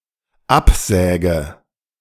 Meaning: inflection of absägen: 1. first-person singular dependent present 2. first/third-person singular dependent subjunctive I
- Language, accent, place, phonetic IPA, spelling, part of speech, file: German, Germany, Berlin, [ˈapˌzɛːɡə], absäge, verb, De-absäge.ogg